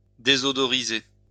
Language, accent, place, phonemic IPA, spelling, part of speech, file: French, France, Lyon, /de.zɔ.dɔ.ʁi.ze/, désodoriser, verb, LL-Q150 (fra)-désodoriser.wav
- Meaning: to deodorize